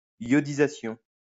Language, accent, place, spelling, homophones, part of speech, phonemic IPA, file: French, France, Lyon, yodisation, iodisation, noun, /jɔ.di.za.sjɔ̃/, LL-Q150 (fra)-yodisation.wav
- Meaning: yodification, addition of or transformation into a yod phoneme